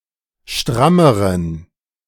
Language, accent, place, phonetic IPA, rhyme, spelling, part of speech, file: German, Germany, Berlin, [ˈʃtʁaməʁən], -aməʁən, strammeren, adjective, De-strammeren.ogg
- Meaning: inflection of stramm: 1. strong genitive masculine/neuter singular comparative degree 2. weak/mixed genitive/dative all-gender singular comparative degree